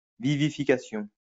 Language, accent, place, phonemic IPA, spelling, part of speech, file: French, France, Lyon, /vi.vi.fi.ka.sjɔ̃/, vivification, noun, LL-Q150 (fra)-vivification.wav
- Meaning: vivification